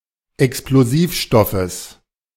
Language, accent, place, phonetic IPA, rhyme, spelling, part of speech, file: German, Germany, Berlin, [ɛksploˈziːfˌʃtɔfəs], -iːfʃtɔfəs, Explosivstoffes, noun, De-Explosivstoffes.ogg
- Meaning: genitive singular of Explosivstoff